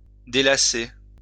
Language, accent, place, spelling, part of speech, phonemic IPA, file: French, France, Lyon, délasser, verb, /de.la.se/, LL-Q150 (fra)-délasser.wav
- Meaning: 1. to relax, to refresh 2. to relax